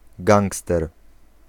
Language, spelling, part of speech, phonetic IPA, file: Polish, gangster, noun, [ˈɡãŋkstɛr], Pl-gangster.ogg